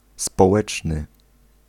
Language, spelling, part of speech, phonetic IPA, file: Polish, społeczny, adjective, [spɔˈwɛt͡ʃnɨ], Pl-społeczny.ogg